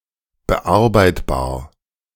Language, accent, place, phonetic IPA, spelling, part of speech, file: German, Germany, Berlin, [bəˈʔaʁbaɪ̯tbaːɐ̯], bearbeitbar, adjective, De-bearbeitbar.ogg
- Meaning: 1. editable 2. processable